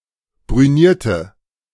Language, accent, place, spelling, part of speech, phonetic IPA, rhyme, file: German, Germany, Berlin, brünierte, adjective / verb, [bʁyˈniːɐ̯tə], -iːɐ̯tə, De-brünierte.ogg
- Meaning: inflection of brünieren: 1. first/third-person singular preterite 2. first/third-person singular subjunctive II